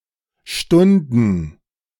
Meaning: 1. to defer (due date; performance upon an obligation) 2. archaic form of standen, first/third-person plural preterite of stehen
- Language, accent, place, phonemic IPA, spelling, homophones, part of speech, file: German, Germany, Berlin, /ˈʃtʊndn̩/, stunden, Stunden, verb, De-stunden.ogg